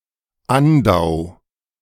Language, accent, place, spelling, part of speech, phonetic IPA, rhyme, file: German, Germany, Berlin, Andau, proper noun, [ˈandaʊ̯], -andaʊ̯, De-Andau.ogg
- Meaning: a municipality of Burgenland, Austria